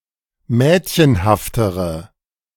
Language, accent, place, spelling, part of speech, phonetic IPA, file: German, Germany, Berlin, mädchenhaftere, adjective, [ˈmɛːtçənhaftəʁə], De-mädchenhaftere.ogg
- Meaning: inflection of mädchenhaft: 1. strong/mixed nominative/accusative feminine singular comparative degree 2. strong nominative/accusative plural comparative degree